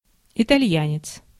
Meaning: Italian (person)
- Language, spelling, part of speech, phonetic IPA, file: Russian, итальянец, noun, [ɪtɐˈlʲjænʲɪt͡s], Ru-итальянец.ogg